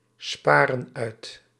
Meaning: inflection of uitsparen: 1. plural present indicative 2. plural present subjunctive
- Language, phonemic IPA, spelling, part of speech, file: Dutch, /ˈsparə(n) ˈœyt/, sparen uit, verb, Nl-sparen uit.ogg